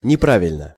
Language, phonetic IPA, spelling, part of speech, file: Russian, [nʲɪˈpravʲɪlʲnə], неправильно, adverb / adjective, Ru-неправильно.ogg
- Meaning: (adverb) 1. incorrectly, wrongly 2. irregularly; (adjective) short neuter singular of непра́вильный (neprávilʹnyj)